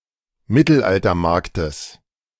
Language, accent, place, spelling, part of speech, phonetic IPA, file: German, Germany, Berlin, Mittelaltermarktes, noun, [ˈmɪtl̩ʔaltɐˌmaʁktəs], De-Mittelaltermarktes.ogg
- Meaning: genitive singular of Mittelaltermarkt